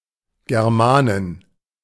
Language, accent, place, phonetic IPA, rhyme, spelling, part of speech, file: German, Germany, Berlin, [ɡɛʁˈmaːnɪn], -aːnɪn, Germanin, noun, De-Germanin.ogg
- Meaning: Teuton (female) (member an (ancient) Germanic tribe)